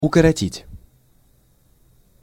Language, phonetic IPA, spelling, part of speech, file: Russian, [ʊkərɐˈtʲitʲ], укоротить, verb, Ru-укоротить.ogg
- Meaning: to shorten